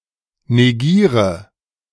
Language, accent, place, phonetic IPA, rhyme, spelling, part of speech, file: German, Germany, Berlin, [neˈɡiːʁə], -iːʁə, negiere, verb, De-negiere.ogg
- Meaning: inflection of negieren: 1. first-person singular present 2. first/third-person singular subjunctive I 3. singular imperative